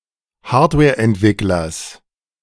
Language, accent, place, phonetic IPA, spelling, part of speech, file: German, Germany, Berlin, [ˈhaːɐ̯tvɛːɐ̯ʔɛntˌvɪklɐs], Hardwareentwicklers, noun, De-Hardwareentwicklers.ogg
- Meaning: genitive singular of Hardwareentwickler